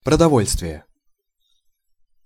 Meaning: food (supply); foodstuffs, provisions, rations
- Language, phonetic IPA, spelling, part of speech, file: Russian, [prədɐˈvolʲstvʲɪje], продовольствие, noun, Ru-продовольствие.ogg